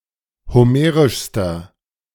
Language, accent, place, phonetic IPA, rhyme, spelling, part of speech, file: German, Germany, Berlin, [hoˈmeːʁɪʃstɐ], -eːʁɪʃstɐ, homerischster, adjective, De-homerischster.ogg
- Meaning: inflection of homerisch: 1. strong/mixed nominative masculine singular superlative degree 2. strong genitive/dative feminine singular superlative degree 3. strong genitive plural superlative degree